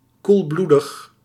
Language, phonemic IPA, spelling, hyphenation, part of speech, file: Dutch, /ˌkulˈblu.dəx/, koelbloedig, koel‧bloe‧dig, adjective, Nl-koelbloedig.ogg
- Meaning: 1. calm, equanimous 2. cold-blooded, unemotioned